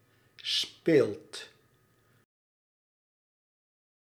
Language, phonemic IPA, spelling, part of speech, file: Dutch, /speːlt/, speelt, verb, Nl-speelt.ogg
- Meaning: inflection of spelen: 1. second/third-person singular present indicative 2. plural imperative